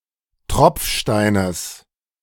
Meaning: genitive singular of Tropfstein
- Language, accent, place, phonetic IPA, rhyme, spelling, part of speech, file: German, Germany, Berlin, [ˈtʁɔp͡fˌʃtaɪ̯nəs], -ɔp͡fʃtaɪ̯nəs, Tropfsteines, noun, De-Tropfsteines.ogg